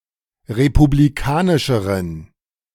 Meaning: inflection of republikanisch: 1. strong genitive masculine/neuter singular comparative degree 2. weak/mixed genitive/dative all-gender singular comparative degree
- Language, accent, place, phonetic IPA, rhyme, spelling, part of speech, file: German, Germany, Berlin, [ʁepubliˈkaːnɪʃəʁən], -aːnɪʃəʁən, republikanischeren, adjective, De-republikanischeren.ogg